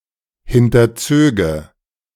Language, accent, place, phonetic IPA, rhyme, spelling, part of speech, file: German, Germany, Berlin, [ˌhɪntɐˈt͡søːɡə], -øːɡə, hinterzöge, verb, De-hinterzöge.ogg
- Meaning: first/third-person singular subjunctive II of hinterziehen